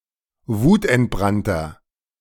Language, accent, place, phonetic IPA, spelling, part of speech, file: German, Germany, Berlin, [ˈvuːtʔɛntˌbʁantɐ], wutentbrannter, adjective, De-wutentbrannter.ogg
- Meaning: inflection of wutentbrannt: 1. strong/mixed nominative masculine singular 2. strong genitive/dative feminine singular 3. strong genitive plural